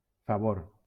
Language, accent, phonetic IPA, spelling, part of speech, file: Catalan, Valencia, [faˈvoɾ], favor, noun, LL-Q7026 (cat)-favor.wav
- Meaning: favour